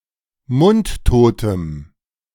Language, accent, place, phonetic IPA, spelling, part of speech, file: German, Germany, Berlin, [ˈmʊntˌtoːtəm], mundtotem, adjective, De-mundtotem.ogg
- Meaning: strong dative masculine/neuter singular of mundtot